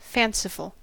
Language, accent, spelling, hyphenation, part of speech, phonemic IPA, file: English, US, fanciful, fan‧ci‧ful, adjective, /ˈfænsɪfl̩/, En-us-fanciful.ogg
- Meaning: 1. Imaginative or fantastic; ignoring reality 2. Unreal or imagined